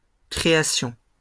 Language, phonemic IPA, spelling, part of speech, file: French, /kʁe.a.sjɔ̃/, créations, noun, LL-Q150 (fra)-créations.wav
- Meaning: plural of création